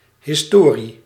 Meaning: 1. history 2. story
- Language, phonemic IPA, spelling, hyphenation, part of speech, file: Dutch, /ˌɦɪsˈtoː.ri/, historie, his‧to‧rie, noun, Nl-historie.ogg